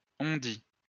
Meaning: hearsay (evidence based on the reports of others rather than on personal knowledge)
- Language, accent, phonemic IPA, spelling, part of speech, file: French, France, /ɔ̃.di/, on-dit, noun, LL-Q150 (fra)-on-dit.wav